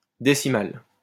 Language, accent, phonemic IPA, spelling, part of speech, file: French, France, /de.si.mal/, décimale, adjective, LL-Q150 (fra)-décimale.wav
- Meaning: feminine singular of décimal